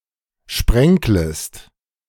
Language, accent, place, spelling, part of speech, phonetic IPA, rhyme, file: German, Germany, Berlin, sprenklest, verb, [ˈʃpʁɛŋkləst], -ɛŋkləst, De-sprenklest.ogg
- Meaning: second-person singular subjunctive I of sprenkeln